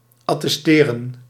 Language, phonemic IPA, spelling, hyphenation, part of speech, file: Dutch, /ɑtɛsˈteːrə(n)/, attesteren, at‧tes‧te‧ren, verb, Nl-attesteren.ogg
- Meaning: to attest